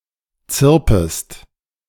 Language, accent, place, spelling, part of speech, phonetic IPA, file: German, Germany, Berlin, zirpest, verb, [ˈt͡sɪʁpəst], De-zirpest.ogg
- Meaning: second-person singular subjunctive I of zirpen